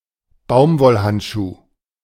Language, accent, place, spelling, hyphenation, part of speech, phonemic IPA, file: German, Germany, Berlin, Baumwollhandschuh, Baum‧woll‧hand‧schuh, noun, /ˈbaʊ̯mvɔlˌhantʃuː/, De-Baumwollhandschuh.ogg
- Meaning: cotton glove